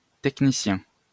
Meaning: technician
- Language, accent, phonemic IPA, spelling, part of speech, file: French, France, /tɛk.ni.sjɛ̃/, technicien, noun, LL-Q150 (fra)-technicien.wav